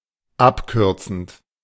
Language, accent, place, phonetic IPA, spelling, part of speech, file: German, Germany, Berlin, [ˈapˌkʏʁt͡sn̩t], abkürzend, verb, De-abkürzend.ogg
- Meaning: present participle of abkürzen